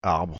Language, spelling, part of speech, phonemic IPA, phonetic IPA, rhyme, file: French, arbre, noun, /aʁbʁ/, [zab], -aʁbʁ, Fr-arbre.ogg
- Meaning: 1. tree (plant, diagram, anything in the form of a tree) 2. axle 3. drive shaft